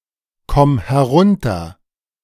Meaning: singular imperative of herunterkommen
- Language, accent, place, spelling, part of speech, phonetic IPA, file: German, Germany, Berlin, komm herunter, verb, [ˌkɔm hɛˈʁʊntɐ], De-komm herunter.ogg